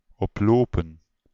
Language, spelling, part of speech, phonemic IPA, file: Dutch, oplopen, verb / noun, /ˈɔplopə(n)/, Nl-oplopen.ogg
- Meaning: 1. to incur, to receive or suffer (an injury) 2. to contract (a disease) 3. to increase